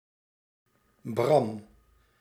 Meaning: a male given name from Hebrew
- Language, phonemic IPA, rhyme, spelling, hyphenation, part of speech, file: Dutch, /brɑm/, -ɑm, Bram, Bram, proper noun, Nl-Bram.ogg